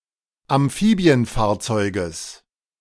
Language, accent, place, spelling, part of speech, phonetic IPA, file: German, Germany, Berlin, Amphibienfahrzeuges, noun, [amˈfiːbi̯ənˌfaːɐ̯t͡sɔɪ̯ɡəs], De-Amphibienfahrzeuges.ogg
- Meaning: genitive singular of Amphibienfahrzeug